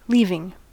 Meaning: present participle and gerund of leave
- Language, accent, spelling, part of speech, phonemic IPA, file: English, US, leaving, verb, /ˈliːvɪŋ/, En-us-leaving.ogg